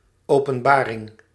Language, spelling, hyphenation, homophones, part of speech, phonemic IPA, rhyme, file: Dutch, Openbaring, Open‧ba‧ring, openbaring, proper noun, /ˌoː.pə(n)ˈbaː.rɪŋ/, -aːrɪŋ, Nl-Openbaring.ogg
- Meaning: the Bible Book of Revelation